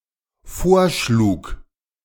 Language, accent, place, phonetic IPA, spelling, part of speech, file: German, Germany, Berlin, [ˈfoːɐ̯ˌʃluːk], vorschlug, verb, De-vorschlug.ogg
- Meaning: first/third-person singular dependent preterite of vorschlagen